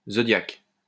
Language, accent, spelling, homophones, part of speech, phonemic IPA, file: French, France, zodiaque, Zodiac, noun, /zɔ.djak/, LL-Q150 (fra)-zodiaque.wav
- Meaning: 1. zodiac (belt-like region in the sky) 2. zodiac (collectively, the signs of the zodiac)